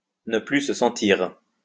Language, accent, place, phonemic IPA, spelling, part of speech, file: French, France, Lyon, /nə ply sə sɑ̃.tiʁ/, ne plus se sentir, verb, LL-Q150 (fra)-ne plus se sentir.wav
- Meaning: to feel exhilarated; to be beside oneself with pride, to feel very proud (to the point of arrogance and haughtiness)